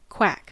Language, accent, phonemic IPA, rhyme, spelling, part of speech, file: English, General American, /kwæk/, -æk, quack, noun / verb / interjection / adjective, En-us-quack.ogg
- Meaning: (noun) The vocalisation made by a duck; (verb) 1. Of a duck, to make its characteristic vocalisation 2. To make a sound similar to the quack of a duck